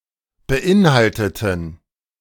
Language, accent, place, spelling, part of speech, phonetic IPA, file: German, Germany, Berlin, beinhalteten, adjective / verb, [bəˈʔɪnˌhaltətn̩], De-beinhalteten.ogg
- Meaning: inflection of beinhalten: 1. first/third-person plural preterite 2. first/third-person plural subjunctive II